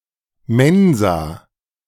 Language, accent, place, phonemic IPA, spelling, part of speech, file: German, Germany, Berlin, /ˈmɛnzaː/, Mensa, noun, De-Mensa.ogg
- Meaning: cafeteria (at a university), student canteen